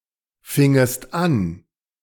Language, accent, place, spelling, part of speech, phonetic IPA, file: German, Germany, Berlin, fingest an, verb, [ˌfɪŋəst ˈan], De-fingest an.ogg
- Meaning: second-person singular subjunctive II of anfangen